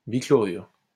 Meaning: bichloride
- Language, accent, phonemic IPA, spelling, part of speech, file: French, France, /bi.klɔ.ʁyʁ/, bichlorure, noun, LL-Q150 (fra)-bichlorure.wav